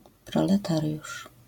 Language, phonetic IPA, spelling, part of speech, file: Polish, [ˌprɔ.lɛ.ˈtar.ʲjuʃ], proletariusz, noun, LL-Q809 (pol)-proletariusz.wav